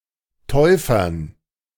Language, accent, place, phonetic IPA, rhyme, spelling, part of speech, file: German, Germany, Berlin, [ˈtɔɪ̯fɐn], -ɔɪ̯fɐn, Täufern, noun, De-Täufern.ogg
- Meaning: dative plural of Täufer